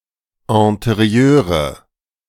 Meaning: nominative/accusative/genitive plural of Interieur
- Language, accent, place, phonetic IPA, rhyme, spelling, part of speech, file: German, Germany, Berlin, [ɛ̃teˈʁi̯øːʁə], -øːʁə, Interieure, noun, De-Interieure.ogg